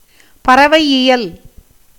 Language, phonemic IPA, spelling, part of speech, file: Tamil, /pɐrɐʋɐɪ̯jɪjɐl/, பறவையியல், noun, Ta-பறவையியல்.ogg
- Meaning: ornithology (the branch of zoology that deals with the scientific study of birds)